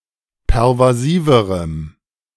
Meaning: strong dative masculine/neuter singular comparative degree of pervasiv
- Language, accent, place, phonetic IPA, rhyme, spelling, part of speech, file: German, Germany, Berlin, [pɛʁvaˈziːvəʁəm], -iːvəʁəm, pervasiverem, adjective, De-pervasiverem.ogg